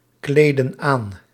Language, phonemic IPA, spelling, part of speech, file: Dutch, /ˈkledə(n) ˈan/, kleden aan, verb, Nl-kleden aan.ogg
- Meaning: inflection of aankleden: 1. plural present indicative 2. plural present subjunctive